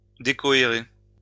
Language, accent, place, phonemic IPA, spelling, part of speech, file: French, France, Lyon, /de.kɔ.e.ʁe/, décohérer, verb, LL-Q150 (fra)-décohérer.wav
- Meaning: to decohere